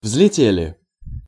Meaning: plural past indicative perfective of взлете́ть (vzletétʹ)
- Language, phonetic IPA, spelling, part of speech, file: Russian, [vz⁽ʲ⁾lʲɪˈtʲelʲɪ], взлетели, verb, Ru-взлетели.ogg